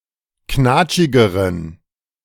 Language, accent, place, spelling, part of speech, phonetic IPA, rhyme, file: German, Germany, Berlin, knatschigeren, adjective, [ˈknaːt͡ʃɪɡəʁən], -aːt͡ʃɪɡəʁən, De-knatschigeren.ogg
- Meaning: inflection of knatschig: 1. strong genitive masculine/neuter singular comparative degree 2. weak/mixed genitive/dative all-gender singular comparative degree